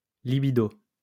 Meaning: sex drive, libido
- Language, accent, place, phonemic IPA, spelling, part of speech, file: French, France, Lyon, /li.bi.do/, libido, noun, LL-Q150 (fra)-libido.wav